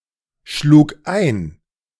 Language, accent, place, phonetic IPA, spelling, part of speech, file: German, Germany, Berlin, [ˌʃluːk ˈaɪ̯n], schlug ein, verb, De-schlug ein.ogg
- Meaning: first/third-person singular preterite of einschlagen